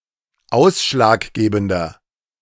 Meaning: inflection of ausschlaggebend: 1. strong/mixed nominative masculine singular 2. strong genitive/dative feminine singular 3. strong genitive plural
- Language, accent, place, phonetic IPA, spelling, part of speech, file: German, Germany, Berlin, [ˈaʊ̯sʃlaːkˌɡeːbn̩dɐ], ausschlaggebender, adjective, De-ausschlaggebender.ogg